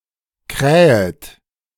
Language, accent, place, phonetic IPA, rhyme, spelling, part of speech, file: German, Germany, Berlin, [ˈkʁɛːət], -ɛːət, krähet, verb, De-krähet.ogg
- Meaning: second-person plural subjunctive I of krähen